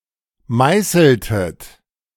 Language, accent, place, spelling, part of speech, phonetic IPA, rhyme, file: German, Germany, Berlin, meißeltet, verb, [ˈmaɪ̯sl̩tət], -aɪ̯sl̩tət, De-meißeltet.ogg
- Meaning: inflection of meißeln: 1. second-person plural preterite 2. second-person plural subjunctive II